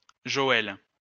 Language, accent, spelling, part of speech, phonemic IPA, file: French, France, Joëlle, proper noun, /ʒɔ.ɛl/, LL-Q150 (fra)-Joëlle.wav
- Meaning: a female given name, female equivalent of Joël